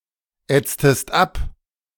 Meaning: inflection of abätzen: 1. second-person singular preterite 2. second-person singular subjunctive II
- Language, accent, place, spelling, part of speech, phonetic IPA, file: German, Germany, Berlin, ätztest ab, verb, [ˌɛt͡stəst ˈap], De-ätztest ab.ogg